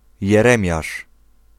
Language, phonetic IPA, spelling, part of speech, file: Polish, [jɛˈrɛ̃mʲjaʃ], Jeremiasz, proper noun, Pl-Jeremiasz.ogg